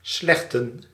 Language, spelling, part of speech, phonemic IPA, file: Dutch, slechten, verb / noun, /ˈslɛxtə(n)/, Nl-slechten.ogg
- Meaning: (verb) 1. to smoothe, to even out 2. to remove, to make disappear; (noun) plural of slechte